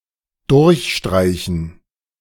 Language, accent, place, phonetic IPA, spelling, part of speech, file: German, Germany, Berlin, [ˈdʊʁçˌʃtʁaɪ̯çn̩], durchstreichen, verb, De-durchstreichen.ogg
- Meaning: to cross out, strike through